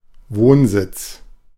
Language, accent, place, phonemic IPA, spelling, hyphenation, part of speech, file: German, Germany, Berlin, /ˈvoːnˌzɪt͡s/, Wohnsitz, Wohn‧sitz, noun, De-Wohnsitz.ogg
- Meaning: domicile, residence (place where one lives)